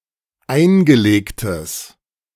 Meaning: strong/mixed nominative/accusative neuter singular of eingelegt
- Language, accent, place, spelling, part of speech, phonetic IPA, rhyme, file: German, Germany, Berlin, eingelegtes, adjective, [ˈaɪ̯nɡəˌleːktəs], -aɪ̯nɡəleːktəs, De-eingelegtes.ogg